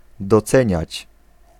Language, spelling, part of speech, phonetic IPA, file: Polish, doceniać, verb, [dɔˈt͡sɛ̃ɲät͡ɕ], Pl-doceniać.ogg